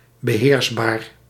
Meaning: controllable
- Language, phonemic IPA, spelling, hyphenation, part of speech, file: Dutch, /bəˈɦeːrs.baːr/, beheersbaar, be‧heers‧baar, adjective, Nl-beheersbaar.ogg